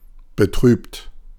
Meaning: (verb) past participle of betrüben; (adjective) saddened; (verb) inflection of betrüben: 1. second-person plural present 2. third-person singular present 3. plural imperative
- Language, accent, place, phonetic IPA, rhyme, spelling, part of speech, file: German, Germany, Berlin, [bəˈtʁyːpt], -yːpt, betrübt, adjective / verb, De-betrübt.ogg